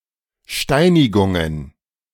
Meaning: plural of Steinigung
- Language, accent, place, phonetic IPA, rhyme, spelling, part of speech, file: German, Germany, Berlin, [ˈʃtaɪ̯nɪɡʊŋən], -aɪ̯nɪɡʊŋən, Steinigungen, noun, De-Steinigungen.ogg